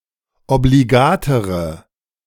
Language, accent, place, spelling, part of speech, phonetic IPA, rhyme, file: German, Germany, Berlin, obligatere, adjective, [obliˈɡaːtəʁə], -aːtəʁə, De-obligatere.ogg
- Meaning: inflection of obligat: 1. strong/mixed nominative/accusative feminine singular comparative degree 2. strong nominative/accusative plural comparative degree